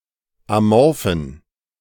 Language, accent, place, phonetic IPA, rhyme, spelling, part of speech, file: German, Germany, Berlin, [aˈmɔʁfn̩], -ɔʁfn̩, amorphen, adjective, De-amorphen.ogg
- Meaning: inflection of amorph: 1. strong genitive masculine/neuter singular 2. weak/mixed genitive/dative all-gender singular 3. strong/weak/mixed accusative masculine singular 4. strong dative plural